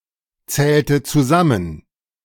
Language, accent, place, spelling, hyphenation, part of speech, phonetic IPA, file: German, Germany, Berlin, zählte zusammen, zählte zu‧sam‧men, verb, [ˌt͡sɛːltə t͡suˈzamən], De-zählte zusammen.ogg
- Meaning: inflection of zusammenzählen: 1. first/third-person singular preterite 2. first/third-person singular subjunctive II